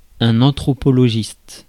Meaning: anthropologist
- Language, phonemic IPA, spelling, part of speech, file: French, /ɑ̃.tʁɔ.pɔ.lɔ.ʒist/, anthropologiste, noun, Fr-anthropologiste.ogg